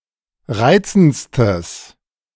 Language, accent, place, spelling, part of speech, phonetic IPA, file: German, Germany, Berlin, reizendstes, adjective, [ˈʁaɪ̯t͡sn̩t͡stəs], De-reizendstes.ogg
- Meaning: strong/mixed nominative/accusative neuter singular superlative degree of reizend